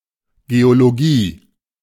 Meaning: geology
- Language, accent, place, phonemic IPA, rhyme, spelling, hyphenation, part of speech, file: German, Germany, Berlin, /ɡeoloˈɡiː/, -iː, Geologie, Ge‧o‧lo‧gie, noun, De-Geologie.ogg